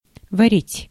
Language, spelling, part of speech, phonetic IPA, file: Russian, варить, verb, [vɐˈrʲitʲ], Ru-варить.ogg
- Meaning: 1. to cook, to boil 2. to brew (beer) 3. to found, to weld